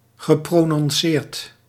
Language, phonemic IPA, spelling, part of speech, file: Dutch, /ɣəˌpronɔnˈsert/, geprononceerd, adjective / verb, Nl-geprononceerd.ogg
- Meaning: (adjective) 1. pronounced, clear 2. striking; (verb) past participle of prononceren